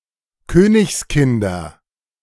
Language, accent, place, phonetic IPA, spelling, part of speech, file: German, Germany, Berlin, [ˈkøːnɪçsˌkɪndɐ], Königskinder, noun, De-Königskinder.ogg
- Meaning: nominative/accusative/genitive plural of Königskind